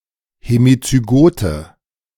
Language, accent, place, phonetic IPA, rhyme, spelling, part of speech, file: German, Germany, Berlin, [hemit͡syˈɡoːtə], -oːtə, hemizygote, adjective, De-hemizygote.ogg
- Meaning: inflection of hemizygot: 1. strong/mixed nominative/accusative feminine singular 2. strong nominative/accusative plural 3. weak nominative all-gender singular